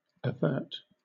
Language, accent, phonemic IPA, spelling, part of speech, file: English, Southern England, /əˈvɜːt/, avert, verb, LL-Q1860 (eng)-avert.wav
- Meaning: 1. To turn aside or away 2. To ward off, or prevent, the occurrence or effects of 3. To turn away